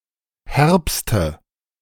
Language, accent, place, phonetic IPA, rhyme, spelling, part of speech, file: German, Germany, Berlin, [ˈhɛʁpstə], -ɛʁpstə, herbste, adjective / verb, De-herbste.ogg
- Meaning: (adjective) inflection of herb: 1. strong/mixed nominative/accusative feminine singular superlative degree 2. strong nominative/accusative plural superlative degree